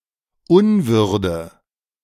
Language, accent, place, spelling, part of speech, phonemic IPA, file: German, Germany, Berlin, Unwürde, noun / proper noun, /ˈʊnˌvʏʁdə/, De-Unwürde.ogg
- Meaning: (noun) indignity; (proper noun) a hamlet within the town of Löbau, Saxony, Germany, now part of the urban district of Kittlitz